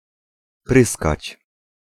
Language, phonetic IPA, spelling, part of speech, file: Polish, [ˈprɨskat͡ɕ], pryskać, verb, Pl-pryskać.ogg